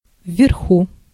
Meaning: above, overhead (in a higher place)
- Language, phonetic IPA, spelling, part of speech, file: Russian, [vʲːɪrˈxu], вверху, adverb, Ru-вверху.ogg